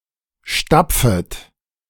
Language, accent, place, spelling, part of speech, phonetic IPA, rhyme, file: German, Germany, Berlin, stapfet, verb, [ˈʃtap͡fət], -ap͡fət, De-stapfet.ogg
- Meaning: second-person plural subjunctive I of stapfen